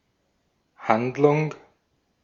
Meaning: 1. plot (e.g. of a play) 2. deed (result of an act) 3. action, act 4. store, shop
- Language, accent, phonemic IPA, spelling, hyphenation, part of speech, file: German, Austria, /ˈhandlʊŋ/, Handlung, Hand‧lung, noun, De-at-Handlung.ogg